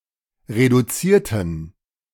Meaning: inflection of reduzieren: 1. first/third-person plural preterite 2. first/third-person plural subjunctive II
- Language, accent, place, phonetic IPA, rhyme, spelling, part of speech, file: German, Germany, Berlin, [ʁeduˈt͡siːɐ̯tn̩], -iːɐ̯tn̩, reduzierten, adjective / verb, De-reduzierten.ogg